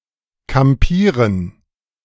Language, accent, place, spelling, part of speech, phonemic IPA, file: German, Germany, Berlin, kampieren, verb, /kamˈpiːʁən/, De-kampieren.ogg
- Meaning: to camp (live in a temporary accommodation)